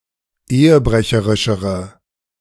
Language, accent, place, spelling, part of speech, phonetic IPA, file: German, Germany, Berlin, ehebrecherischere, adjective, [ˈeːəˌbʁɛçəʁɪʃəʁə], De-ehebrecherischere.ogg
- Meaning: inflection of ehebrecherisch: 1. strong/mixed nominative/accusative feminine singular comparative degree 2. strong nominative/accusative plural comparative degree